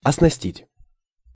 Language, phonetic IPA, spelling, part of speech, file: Russian, [ɐsnɐˈsʲtʲitʲ], оснастить, verb, Ru-оснастить.ogg
- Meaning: 1. to rig 2. to fit out, to equip, to outfit